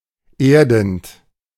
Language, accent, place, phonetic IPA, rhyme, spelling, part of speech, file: German, Germany, Berlin, [ˈeːɐ̯dn̩t], -eːɐ̯dn̩t, erdend, verb, De-erdend.ogg
- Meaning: present participle of erden